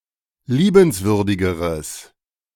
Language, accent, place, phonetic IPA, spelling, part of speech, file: German, Germany, Berlin, [ˈliːbənsvʏʁdɪɡəʁəs], liebenswürdigeres, adjective, De-liebenswürdigeres.ogg
- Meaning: strong/mixed nominative/accusative neuter singular comparative degree of liebenswürdig